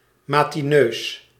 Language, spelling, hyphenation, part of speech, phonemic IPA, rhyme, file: Dutch, matineus, ma‧ti‧neus, adjective, /ˌmaː.tiˈnøːs/, -øːs, Nl-matineus.ogg
- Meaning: early rising, being an early bird